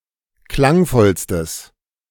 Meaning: strong/mixed nominative/accusative neuter singular superlative degree of klangvoll
- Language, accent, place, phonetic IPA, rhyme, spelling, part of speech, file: German, Germany, Berlin, [ˈklaŋˌfɔlstəs], -aŋfɔlstəs, klangvollstes, adjective, De-klangvollstes.ogg